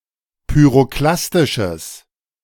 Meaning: strong/mixed nominative/accusative neuter singular of pyroklastisch
- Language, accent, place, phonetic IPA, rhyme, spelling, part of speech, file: German, Germany, Berlin, [pyʁoˈklastɪʃəs], -astɪʃəs, pyroklastisches, adjective, De-pyroklastisches.ogg